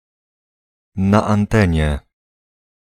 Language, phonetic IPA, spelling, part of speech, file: Polish, [ˌna‿ãnˈtɛ̃ɲɛ], na antenie, adverbial phrase, Pl-na antenie.ogg